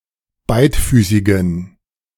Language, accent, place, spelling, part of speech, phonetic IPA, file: German, Germany, Berlin, beidfüßigen, adjective, [ˈbaɪ̯tˌfyːsɪɡn̩], De-beidfüßigen.ogg
- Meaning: inflection of beidfüßig: 1. strong genitive masculine/neuter singular 2. weak/mixed genitive/dative all-gender singular 3. strong/weak/mixed accusative masculine singular 4. strong dative plural